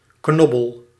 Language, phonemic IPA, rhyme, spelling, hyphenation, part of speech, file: Dutch, /ˈknɔ.bəl/, -ɔbəl, knobbel, knob‧bel, noun, Nl-knobbel.ogg
- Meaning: 1. knob, knot, lump 2. an aptitude for something